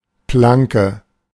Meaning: plank (big or thick board of wood)
- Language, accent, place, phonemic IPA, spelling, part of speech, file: German, Germany, Berlin, /ˈplaŋkə/, Planke, noun, De-Planke.ogg